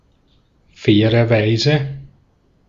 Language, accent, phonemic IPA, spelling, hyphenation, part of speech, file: German, Austria, /ˈfɛːʁɐˌvaɪ̯zə/, fairerweise, fai‧rer‧wei‧se, adverb, De-at-fairerweise.ogg
- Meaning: to be fair